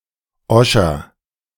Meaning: apple of Sodom (Calotropis procera)
- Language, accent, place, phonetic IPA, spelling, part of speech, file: German, Germany, Berlin, [ˈɔʃɐ], Oscher, noun, De-Oscher.ogg